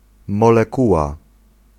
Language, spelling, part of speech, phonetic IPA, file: Polish, molekuła, noun, [ˌmɔlɛˈkuwa], Pl-molekuła.ogg